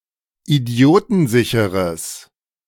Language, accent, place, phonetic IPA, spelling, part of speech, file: German, Germany, Berlin, [iˈdi̯oːtn̩ˌzɪçəʁəs], idiotensicheres, adjective, De-idiotensicheres.ogg
- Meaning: strong/mixed nominative/accusative neuter singular of idiotensicher